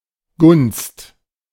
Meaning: favor
- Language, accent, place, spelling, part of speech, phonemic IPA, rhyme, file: German, Germany, Berlin, Gunst, noun, /ɡʊnst/, -ʊnst, De-Gunst.ogg